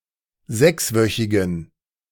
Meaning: inflection of sechswöchig: 1. strong genitive masculine/neuter singular 2. weak/mixed genitive/dative all-gender singular 3. strong/weak/mixed accusative masculine singular 4. strong dative plural
- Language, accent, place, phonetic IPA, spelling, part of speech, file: German, Germany, Berlin, [ˈzɛksˌvœçɪɡn̩], sechswöchigen, adjective, De-sechswöchigen.ogg